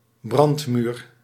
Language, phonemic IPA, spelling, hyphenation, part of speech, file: Dutch, /ˈbrɑnt.myːr/, brandmuur, brand‧muur, noun, Nl-brandmuur.ogg
- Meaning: a fire-resistant wall containing a fireplace and chimney; often dividing a residence in a front and a back section